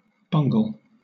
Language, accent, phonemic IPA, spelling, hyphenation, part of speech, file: English, Southern England, /ˈbʌŋɡ(ə)l/, bungle, bung‧le, verb / noun, LL-Q1860 (eng)-bungle.wav
- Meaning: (verb) 1. To incompetently perform (a task); to ruin (something) through incompetent action; to botch up, to bumble 2. To act or work incompetently; to fumble